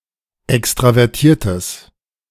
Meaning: strong/mixed nominative/accusative neuter singular of extravertiert
- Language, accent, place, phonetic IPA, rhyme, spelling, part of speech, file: German, Germany, Berlin, [ˌɛkstʁavɛʁˈtiːɐ̯təs], -iːɐ̯təs, extravertiertes, adjective, De-extravertiertes.ogg